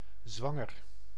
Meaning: 1. pregnant 2. expecting a baby together
- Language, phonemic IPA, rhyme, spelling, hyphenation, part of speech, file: Dutch, /ˈzʋɑ.ŋər/, -ɑŋər, zwanger, zwan‧ger, adjective, Nl-zwanger.ogg